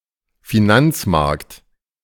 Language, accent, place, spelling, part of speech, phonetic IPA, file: German, Germany, Berlin, Finanzmarkt, noun, [fiˈnant͡sˌmaʁkt], De-Finanzmarkt.ogg
- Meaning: financial market